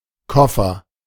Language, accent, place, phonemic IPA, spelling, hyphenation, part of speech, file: German, Germany, Berlin, /ˈkɔfɐ/, Koffer, Kof‧fer, noun, De-Koffer.ogg
- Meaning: 1. a case; a suitcase or briefcase 2. idiot, fool